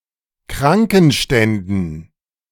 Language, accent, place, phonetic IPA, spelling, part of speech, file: German, Germany, Berlin, [ˈkʁaŋkn̩ˌʃtɛndn̩], Krankenständen, noun, De-Krankenständen.ogg
- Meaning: dative plural of Krankenstand